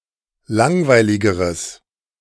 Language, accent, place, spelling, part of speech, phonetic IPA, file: German, Germany, Berlin, langweiligeres, adjective, [ˈlaŋvaɪ̯lɪɡəʁəs], De-langweiligeres.ogg
- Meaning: strong/mixed nominative/accusative neuter singular comparative degree of langweilig